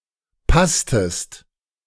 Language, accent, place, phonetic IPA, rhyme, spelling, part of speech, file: German, Germany, Berlin, [ˈpastəst], -astəst, passtest, verb, De-passtest.ogg
- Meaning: inflection of passen: 1. second-person singular preterite 2. second-person singular subjunctive II